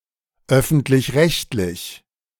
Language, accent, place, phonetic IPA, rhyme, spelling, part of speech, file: German, Germany, Berlin, [ˈœfn̩tlɪçˈʁɛçtlɪç], -ɛçtlɪç, öffentlich-rechtlich, adjective, De-öffentlich-rechtlich.ogg
- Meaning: public, public service